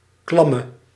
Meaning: inflection of klam: 1. masculine/feminine singular attributive 2. definite neuter singular attributive 3. plural attributive
- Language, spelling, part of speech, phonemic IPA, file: Dutch, klamme, adjective, /klɑmə/, Nl-klamme.ogg